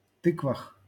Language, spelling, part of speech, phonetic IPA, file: Russian, тыквах, noun, [ˈtɨkvəx], LL-Q7737 (rus)-тыквах.wav
- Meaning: prepositional plural of ты́ква (týkva)